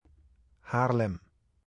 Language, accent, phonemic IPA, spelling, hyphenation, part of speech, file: Dutch, Netherlands, /ˈɦaːr.lɛm/, Haarlem, Haar‧lem, proper noun, 395 Haarlem.ogg
- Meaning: Haarlem (a city, municipality, and capital of North Holland, Netherlands)